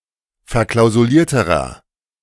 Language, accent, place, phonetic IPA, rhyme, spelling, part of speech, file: German, Germany, Berlin, [fɛɐ̯ˌklaʊ̯zuˈliːɐ̯təʁɐ], -iːɐ̯təʁɐ, verklausulierterer, adjective, De-verklausulierterer.ogg
- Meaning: inflection of verklausuliert: 1. strong/mixed nominative masculine singular comparative degree 2. strong genitive/dative feminine singular comparative degree